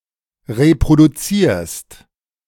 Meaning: second-person singular present of reproduzieren
- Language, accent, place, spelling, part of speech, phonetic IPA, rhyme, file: German, Germany, Berlin, reproduzierst, verb, [ʁepʁoduˈt͡siːɐ̯st], -iːɐ̯st, De-reproduzierst.ogg